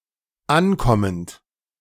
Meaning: present participle of ankommen
- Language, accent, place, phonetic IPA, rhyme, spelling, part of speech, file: German, Germany, Berlin, [ˈanˌkɔmənt], -ankɔmənt, ankommend, verb, De-ankommend.ogg